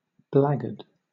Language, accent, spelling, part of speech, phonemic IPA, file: English, Southern England, blackguard, noun / verb, /ˈblæɡəd/, LL-Q1860 (eng)-blackguard.wav
- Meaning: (noun) 1. The lowest servant in a household charged with pots, pans, and other kitchen equipment 2. An unprincipled, contemptible person; an untrustworthy person